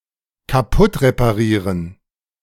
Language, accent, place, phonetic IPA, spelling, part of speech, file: German, Germany, Berlin, [kaˈpʊtʁepaˌʁiːʁən], kaputtreparieren, verb, De-kaputtreparieren.ogg
- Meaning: to break something in an attempt to repair or improve it, particularly when such improvement was not really necessary